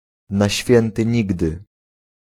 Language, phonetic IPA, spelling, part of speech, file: Polish, [na‿ˈɕfʲjɛ̃ntɨ ˈɲiɡdɨ], na święty nigdy, adverbial phrase, Pl-na święty nigdy.ogg